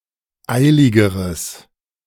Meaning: strong/mixed nominative/accusative neuter singular comparative degree of eilig
- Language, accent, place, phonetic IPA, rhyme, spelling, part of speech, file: German, Germany, Berlin, [ˈaɪ̯lɪɡəʁəs], -aɪ̯lɪɡəʁəs, eiligeres, adjective, De-eiligeres.ogg